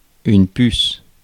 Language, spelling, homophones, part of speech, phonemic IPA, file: French, puce, puces / pusse / pussent / pusses, noun / verb, /pys/, Fr-puce.ogg
- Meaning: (noun) 1. flea 2. chip (electronics), silicon chip 3. bullet 4. sweetie (used to address a young girl, or a woman one is romantically involved with)